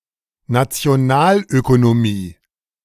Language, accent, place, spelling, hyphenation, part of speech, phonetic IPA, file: German, Germany, Berlin, Nationalökonomie, Na‧ti‧o‧nal‧öko‧no‧mie, noun, [ˌnat͡si̯oˈnaːløkonoˌmiː], De-Nationalökonomie.ogg
- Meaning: the study of the economics of nations